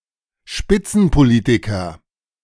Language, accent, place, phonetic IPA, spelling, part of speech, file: German, Germany, Berlin, [ˈʃpɪt͡sn̩poˌliːtɪkɐ], Spitzenpolitiker, noun, De-Spitzenpolitiker.ogg
- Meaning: top politician